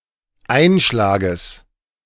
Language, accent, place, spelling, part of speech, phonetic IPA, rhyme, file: German, Germany, Berlin, Einschlages, noun, [ˈaɪ̯nˌʃlaːɡəs], -aɪ̯nʃlaːɡəs, De-Einschlages.ogg
- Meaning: genitive singular of Einschlag